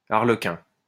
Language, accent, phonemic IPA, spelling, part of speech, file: French, France, /aʁ.lə.kɛ̃/, arlequin, noun, LL-Q150 (fra)-arlequin.wav
- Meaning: 1. harlequin 2. buffoon 3. jester